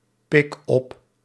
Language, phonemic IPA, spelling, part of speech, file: Dutch, /ˈpɪk ˈɔp/, pik op, verb, Nl-pik op.ogg
- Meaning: inflection of oppikken: 1. first-person singular present indicative 2. second-person singular present indicative 3. imperative